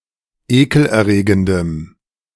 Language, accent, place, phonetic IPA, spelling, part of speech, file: German, Germany, Berlin, [ˈeːkl̩ʔɛɐ̯ˌʁeːɡəndəm], ekelerregendem, adjective, De-ekelerregendem.ogg
- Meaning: strong dative masculine/neuter singular of ekelerregend